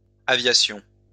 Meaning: plural of aviation
- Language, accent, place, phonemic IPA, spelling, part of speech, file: French, France, Lyon, /a.vja.sjɔ̃/, aviations, noun, LL-Q150 (fra)-aviations.wav